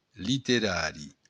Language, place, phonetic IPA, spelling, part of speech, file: Occitan, Béarn, [liteˈɾaɾi], literari, adjective, LL-Q14185 (oci)-literari.wav
- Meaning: literary